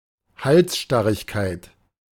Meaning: stubbornness
- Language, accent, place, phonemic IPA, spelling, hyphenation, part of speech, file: German, Germany, Berlin, /ˈhalsˌʃtaʁɪçkaɪ̯t/, Halsstarrigkeit, Hals‧star‧rig‧keit, noun, De-Halsstarrigkeit.ogg